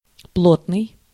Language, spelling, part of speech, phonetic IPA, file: Russian, плотный, adjective, [ˈpɫotnɨj], Ru-плотный.ogg
- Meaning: 1. dense 2. compact, solid 3. thickset 4. close, thick